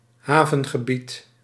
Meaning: 1. port area 2. dockland
- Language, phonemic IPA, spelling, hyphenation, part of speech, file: Dutch, /ˈɦaː.və(n).ɣəˌbit/, havengebied, ha‧ven‧ge‧bied, noun, Nl-havengebied.ogg